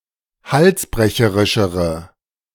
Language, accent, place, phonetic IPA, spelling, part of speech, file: German, Germany, Berlin, [ˈhalsˌbʁɛçəʁɪʃəʁə], halsbrecherischere, adjective, De-halsbrecherischere.ogg
- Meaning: inflection of halsbrecherisch: 1. strong/mixed nominative/accusative feminine singular comparative degree 2. strong nominative/accusative plural comparative degree